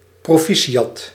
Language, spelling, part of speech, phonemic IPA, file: Dutch, proficiat, interjection, /proˈfisiˌjɑt/, Nl-proficiat.ogg
- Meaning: congratulations!